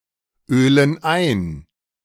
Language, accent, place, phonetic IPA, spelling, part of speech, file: German, Germany, Berlin, [ˌøːlən ˈaɪ̯n], ölen ein, verb, De-ölen ein.ogg
- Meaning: inflection of einölen: 1. first/third-person plural present 2. first/third-person plural subjunctive I